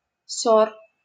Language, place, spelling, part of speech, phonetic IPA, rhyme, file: Russian, Saint Petersburg, сор, noun, [sor], -or, LL-Q7737 (rus)-сор.wav
- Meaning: trash, rubbish